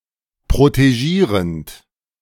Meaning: present participle of protegieren
- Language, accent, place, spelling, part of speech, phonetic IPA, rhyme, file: German, Germany, Berlin, protegierend, verb, [pʁoteˈʒiːʁənt], -iːʁənt, De-protegierend.ogg